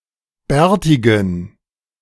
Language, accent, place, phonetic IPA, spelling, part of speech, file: German, Germany, Berlin, [ˈbɛːɐ̯tɪɡn̩], bärtigen, adjective, De-bärtigen.ogg
- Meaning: inflection of bärtig: 1. strong genitive masculine/neuter singular 2. weak/mixed genitive/dative all-gender singular 3. strong/weak/mixed accusative masculine singular 4. strong dative plural